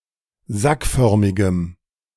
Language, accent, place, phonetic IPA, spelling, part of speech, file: German, Germany, Berlin, [ˈzakˌfœʁmɪɡəm], sackförmigem, adjective, De-sackförmigem.ogg
- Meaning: strong dative masculine/neuter singular of sackförmig